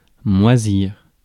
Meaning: 1. (to cause) to go mouldy, to moulder 2. to hang around, to gather dust
- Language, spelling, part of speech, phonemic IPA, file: French, moisir, verb, /mwa.ziʁ/, Fr-moisir.ogg